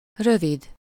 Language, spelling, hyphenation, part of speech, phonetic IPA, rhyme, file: Hungarian, rövid, rö‧vid, adjective, [ˈrøvid], -id, Hu-rövid.ogg
- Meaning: 1. short 2. short (a drink of spirits, shortened from rövid ital, a calque of English short drink)